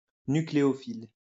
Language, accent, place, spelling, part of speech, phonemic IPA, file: French, France, Lyon, nucléophile, adjective, /ny.kle.ɔ.fil/, LL-Q150 (fra)-nucléophile.wav
- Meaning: nucleophilic